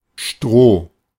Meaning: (noun) straw; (proper noun) a surname, Stroh
- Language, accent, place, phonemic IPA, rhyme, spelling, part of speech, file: German, Germany, Berlin, /ʃtʁoː/, -oː, Stroh, noun / proper noun, De-Stroh.ogg